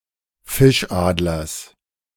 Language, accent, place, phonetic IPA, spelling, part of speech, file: German, Germany, Berlin, [ˈfɪʃˌʔaːdlɐs], Fischadlers, noun, De-Fischadlers.ogg
- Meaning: genitive singular of Fischadler